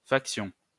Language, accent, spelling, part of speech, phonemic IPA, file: French, France, faction, noun, /fak.sjɔ̃/, LL-Q150 (fra)-faction.wav
- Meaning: 1. act of keeping watch 2. a watchman 3. a faction; specifically one which causes trouble